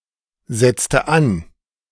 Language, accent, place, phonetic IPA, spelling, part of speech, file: German, Germany, Berlin, [ˌzɛt͡stə ˈan], setzte an, verb, De-setzte an.ogg
- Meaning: inflection of ansetzen: 1. first/third-person singular preterite 2. first/third-person singular subjunctive II